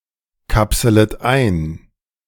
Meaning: second-person plural subjunctive I of einkapseln
- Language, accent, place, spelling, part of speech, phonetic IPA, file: German, Germany, Berlin, kapselet ein, verb, [ˌkapsələt ˈaɪ̯n], De-kapselet ein.ogg